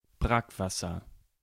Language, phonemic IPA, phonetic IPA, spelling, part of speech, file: German, /ˈbrakˌvasər/, [ˈbʁakˌva.sɐ], Brackwasser, noun, De-Brackwasser.ogg
- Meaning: brackish water: 1. water in coastal areas that is partially salty and hence unfit for consumption 2. any distasteful, adulterated water